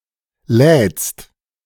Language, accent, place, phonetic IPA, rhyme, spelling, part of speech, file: German, Germany, Berlin, [lɛːt͡st], -ɛːt͡st, lädst, verb, De-lädst.ogg
- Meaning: second-person singular present of laden